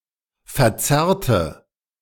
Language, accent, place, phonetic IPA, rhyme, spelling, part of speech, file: German, Germany, Berlin, [fɛɐ̯ˈt͡sɛʁtə], -ɛʁtə, verzerrte, adjective / verb, De-verzerrte.ogg
- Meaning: inflection of verzerrt: 1. strong/mixed nominative/accusative feminine singular 2. strong nominative/accusative plural 3. weak nominative all-gender singular